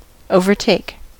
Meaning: 1. To pass a slower moving object or entity (on the side closest to oncoming traffic) 2. To become greater than something else in quantity, worth, etc
- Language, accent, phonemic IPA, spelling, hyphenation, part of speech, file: English, US, /oʊ̯vɚˈteɪ̯k/, overtake, o‧ver‧take, verb, En-us-overtake.ogg